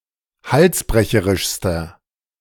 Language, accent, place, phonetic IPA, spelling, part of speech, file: German, Germany, Berlin, [ˈhalsˌbʁɛçəʁɪʃstɐ], halsbrecherischster, adjective, De-halsbrecherischster.ogg
- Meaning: inflection of halsbrecherisch: 1. strong/mixed nominative masculine singular superlative degree 2. strong genitive/dative feminine singular superlative degree